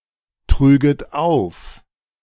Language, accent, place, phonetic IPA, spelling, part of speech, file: German, Germany, Berlin, [ˌtʁyːɡət ˈaʊ̯f], trüget auf, verb, De-trüget auf.ogg
- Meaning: second-person plural subjunctive II of auftragen